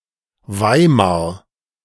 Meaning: Weimar (an independent city in Thuringia, Germany)
- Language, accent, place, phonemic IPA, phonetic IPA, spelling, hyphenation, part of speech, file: German, Germany, Berlin, /ˈvaɪ̯maʁ/, [ˈvaɪ̯maɐ̯], Weimar, Wei‧mar, proper noun, De-Weimar.ogg